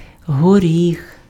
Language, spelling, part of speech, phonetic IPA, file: Ukrainian, горіх, noun, [ɦoˈrʲix], Uk-горіх.ogg
- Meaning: 1. walnut tree, especially common walnut (Juglans regia) 2. nut (tree or seed) 3. walnut wood